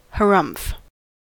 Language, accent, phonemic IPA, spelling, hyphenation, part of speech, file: English, US, /həˈɹʌm(p)f/, harumph, ha‧rumph, interjection / noun / verb, En-us-harumph.ogg
- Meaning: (interjection) An expression of disdain, disbelief, protest, refusal or dismissal; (noun) An expression of disdain, disbelief, protest, or dismissal; a huff, grunt, or snort